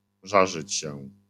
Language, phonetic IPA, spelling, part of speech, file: Polish, [ˈʒaʒɨt͡ɕ‿ɕɛ], żarzyć się, verb, LL-Q809 (pol)-żarzyć się.wav